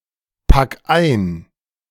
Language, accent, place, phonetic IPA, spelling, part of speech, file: German, Germany, Berlin, [ˌpak ˈaɪ̯n], pack ein, verb, De-pack ein.ogg
- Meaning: singular imperative of einpacken